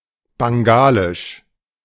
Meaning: of Bangladesh; Bangladeshi
- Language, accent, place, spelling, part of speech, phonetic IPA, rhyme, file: German, Germany, Berlin, bangalisch, adjective, [baŋˈɡaːlɪʃ], -aːlɪʃ, De-bangalisch.ogg